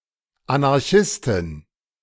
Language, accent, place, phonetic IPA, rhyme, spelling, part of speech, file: German, Germany, Berlin, [anaʁˈçɪstɪn], -ɪstɪn, Anarchistin, noun, De-Anarchistin.ogg
- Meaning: anarchist (female person)